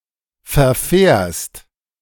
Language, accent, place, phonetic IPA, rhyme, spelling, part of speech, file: German, Germany, Berlin, [fɛɐ̯ˈfɛːɐ̯st], -ɛːɐ̯st, verfährst, verb, De-verfährst.ogg
- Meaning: second-person singular present of verfahren